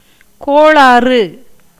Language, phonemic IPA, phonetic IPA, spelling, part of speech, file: Tamil, /koːɭɑːrɯ/, [koːɭäːrɯ], கோளாறு, noun, Ta-கோளாறு.ogg
- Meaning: 1. defect, problem 2. quarrel, tumult, scuffle 3. disorder 4. fault 5. means, expedient